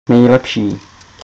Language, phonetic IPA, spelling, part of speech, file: Czech, [ˈnɛjlɛpʃiː], nejlepší, adjective, Cs-nejlepší.ogg
- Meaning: best, finest, superlative degree of dobrý